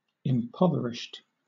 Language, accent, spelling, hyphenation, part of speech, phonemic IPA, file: English, Southern England, impoverished, im‧pov‧er‧ished, adjective / verb, /ɪmˈpɒv(ə)ɹɪʃt/, LL-Q1860 (eng)-impoverished.wav
- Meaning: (adjective) 1. Reduced to poverty 2. Lacking in richness, diversity or health